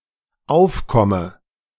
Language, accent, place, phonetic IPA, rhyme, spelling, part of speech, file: German, Germany, Berlin, [ˈaʊ̯fˌkɔmə], -aʊ̯fkɔmə, aufkomme, verb, De-aufkomme.ogg
- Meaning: inflection of aufkommen: 1. first-person singular dependent present 2. first/third-person singular dependent subjunctive I